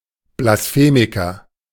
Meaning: blasphemist
- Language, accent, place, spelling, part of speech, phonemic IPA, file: German, Germany, Berlin, Blasphemiker, noun, /blasˈfeːmɪkɐ/, De-Blasphemiker.ogg